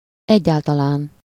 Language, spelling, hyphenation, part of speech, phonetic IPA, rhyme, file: Hungarian, egyáltalán, egyál‧ta‧lán, adverb, [ˈɛɟːaːltɒlaːn], -aːn, Hu-egyáltalán.ogg
- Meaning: 1. in the first place 2. at all